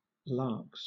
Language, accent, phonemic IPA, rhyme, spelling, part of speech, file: English, Southern England, /lɑːks/, -ɑːks, lakhs, noun, LL-Q1860 (eng)-lakhs.wav
- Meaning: plural of lakh